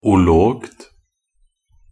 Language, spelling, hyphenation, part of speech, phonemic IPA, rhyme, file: Norwegian Bokmål, -ologt, -o‧logt, suffix, /ʊˈloːɡt/, -oːɡt, Nb--ologt.ogg
- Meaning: neuter singular of -olog